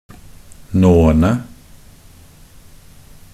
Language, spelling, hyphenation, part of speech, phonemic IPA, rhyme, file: Norwegian Bokmål, nåene, nå‧en‧e, noun, /ˈnoːənə/, -ənə, Nb-nåene.ogg
- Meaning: definite plural of nåe